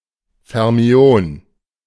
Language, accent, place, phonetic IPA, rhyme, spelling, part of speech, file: German, Germany, Berlin, [fɛʁˈmi̯oːn], -oːn, Fermion, noun, De-Fermion.ogg
- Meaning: fermion